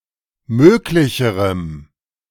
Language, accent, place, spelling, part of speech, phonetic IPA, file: German, Germany, Berlin, möglicherem, adjective, [ˈmøːklɪçəʁəm], De-möglicherem.ogg
- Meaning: strong dative masculine/neuter singular comparative degree of möglich